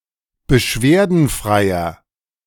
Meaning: inflection of beschwerdenfrei: 1. strong/mixed nominative masculine singular 2. strong genitive/dative feminine singular 3. strong genitive plural
- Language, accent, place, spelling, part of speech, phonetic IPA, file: German, Germany, Berlin, beschwerdenfreier, adjective, [bəˈʃveːɐ̯dn̩ˌfʁaɪ̯ɐ], De-beschwerdenfreier.ogg